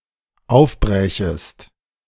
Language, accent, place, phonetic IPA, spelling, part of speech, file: German, Germany, Berlin, [ˈaʊ̯fˌbʁɛːçəst], aufbrächest, verb, De-aufbrächest.ogg
- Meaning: second-person singular dependent subjunctive II of aufbrechen